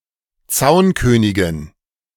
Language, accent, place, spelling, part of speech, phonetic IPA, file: German, Germany, Berlin, Zaunkönigen, noun, [ˈt͡saʊ̯nkøːnɪɡn̩], De-Zaunkönigen.ogg
- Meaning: dative plural of Zaunkönig